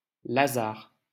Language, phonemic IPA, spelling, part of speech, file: French, /la.zaʁ/, Lazare, proper noun, LL-Q150 (fra)-Lazare.wav
- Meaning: Lazarus